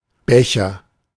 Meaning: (noun) a cylindrical or slightly conical drinking vessel without a stem, typically with no handle, beaker; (proper noun) a surname
- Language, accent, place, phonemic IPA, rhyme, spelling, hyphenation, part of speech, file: German, Germany, Berlin, /ˈbɛçɐ/, -ɛçɐ, Becher, Be‧cher, noun / proper noun, De-Becher.ogg